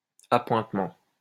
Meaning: 1. stipend, pay, salary 2. appointment, engagement (arrangement between people to meet) 3. appointment, nomination (to a position)
- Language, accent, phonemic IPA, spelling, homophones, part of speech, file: French, France, /a.pwɛ̃t.mɑ̃/, appointement, appointements, noun, LL-Q150 (fra)-appointement.wav